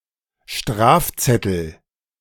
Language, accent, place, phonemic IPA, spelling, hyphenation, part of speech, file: German, Germany, Berlin, /ˈʃtʁaːfˌt͡sɛtl̩/, Strafzettel, Straf‧zet‧tel, noun, De-Strafzettel.ogg
- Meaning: 1. traffic ticket 2. parking ticket